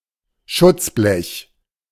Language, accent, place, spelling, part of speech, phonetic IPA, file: German, Germany, Berlin, Schutzblech, noun, [ˈʃʊt͡sˌblɛç], De-Schutzblech.ogg
- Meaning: fender, mudguard, splashguard, splashboard